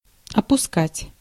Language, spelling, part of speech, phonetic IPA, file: Russian, опускать, verb, [ɐpʊˈskatʲ], Ru-опускать.ogg
- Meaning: 1. to let down, to lower, to sink (to allow to descend) 2. to omit, to leave out 3. to rape